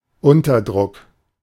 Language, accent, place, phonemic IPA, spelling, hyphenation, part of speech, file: German, Germany, Berlin, /ˈʊntɐˌdʁʊk/, Unterdruck, Un‧ter‧druck, noun, De-Unterdruck.ogg
- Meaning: underpressure